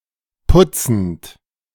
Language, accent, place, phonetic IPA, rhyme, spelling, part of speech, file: German, Germany, Berlin, [ˈpʊt͡sn̩t], -ʊt͡sn̩t, putzend, verb, De-putzend.ogg
- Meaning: present participle of putzen